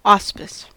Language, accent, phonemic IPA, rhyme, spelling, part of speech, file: English, US, /ˈɔspɪs/, -ɔːspɪs, auspice, noun / verb, En-us-auspice.ogg
- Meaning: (noun) 1. Patronage or protection 2. An omen or a sign 3. Divination from the actions of birds; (verb) To be patron of; to sponsor